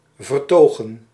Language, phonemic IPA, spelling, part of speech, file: Dutch, /vərˈtoɣə(n)/, vertogen, verb / noun, Nl-vertogen.ogg
- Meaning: plural of vertoog